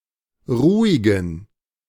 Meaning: inflection of ruhig: 1. strong genitive masculine/neuter singular 2. weak/mixed genitive/dative all-gender singular 3. strong/weak/mixed accusative masculine singular 4. strong dative plural
- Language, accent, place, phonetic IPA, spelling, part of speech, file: German, Germany, Berlin, [ˈʁuːɪɡn̩], ruhigen, adjective, De-ruhigen.ogg